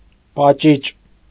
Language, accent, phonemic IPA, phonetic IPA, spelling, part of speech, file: Armenian, Eastern Armenian, /pɑˈt͡ʃit͡ʃ/, [pɑt͡ʃít͡ʃ], պաճիճ, noun, Hy-պաճիճ.ogg
- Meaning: alternative form of պաճուճ (pačuč)